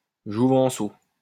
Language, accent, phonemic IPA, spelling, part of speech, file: French, France, /ʒu.vɑ̃.so/, jouvenceau, noun, LL-Q150 (fra)-jouvenceau.wav
- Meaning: a male adolescent, a young man